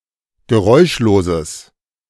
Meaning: strong/mixed nominative/accusative neuter singular of geräuschlos
- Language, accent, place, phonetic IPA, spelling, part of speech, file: German, Germany, Berlin, [ɡəˈʁɔɪ̯ʃloːzəs], geräuschloses, adjective, De-geräuschloses.ogg